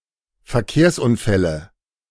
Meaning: nominative/accusative/genitive plural of Verkehrsunfall
- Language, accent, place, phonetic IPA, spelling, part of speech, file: German, Germany, Berlin, [fɛɐ̯ˈkeːɐ̯sʔʊnˌfɛlə], Verkehrsunfälle, noun, De-Verkehrsunfälle.ogg